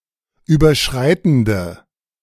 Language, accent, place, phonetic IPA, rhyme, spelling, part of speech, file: German, Germany, Berlin, [ˌyːbɐˈʃʁaɪ̯tn̩də], -aɪ̯tn̩də, überschreitende, adjective, De-überschreitende.ogg
- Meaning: inflection of überschreitend: 1. strong/mixed nominative/accusative feminine singular 2. strong nominative/accusative plural 3. weak nominative all-gender singular